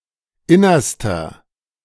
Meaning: inflection of inner: 1. strong/mixed nominative masculine singular superlative degree 2. strong genitive/dative feminine singular superlative degree 3. strong genitive plural superlative degree
- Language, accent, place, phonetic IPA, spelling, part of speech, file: German, Germany, Berlin, [ˈɪnɐstɐ], innerster, adjective, De-innerster.ogg